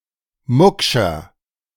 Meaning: inflection of mucksch: 1. strong/mixed nominative masculine singular 2. strong genitive/dative feminine singular 3. strong genitive plural
- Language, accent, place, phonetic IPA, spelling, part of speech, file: German, Germany, Berlin, [ˈmʊkʃɐ], muckscher, adjective, De-muckscher.ogg